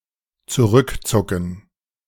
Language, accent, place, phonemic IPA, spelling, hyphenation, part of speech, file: German, Germany, Berlin, /t͡suˈʁʏkˌt͡sʊkn̩/, zurückzucken, zu‧rück‧zu‧cken, verb, De-zurückzucken.ogg
- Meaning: to recoil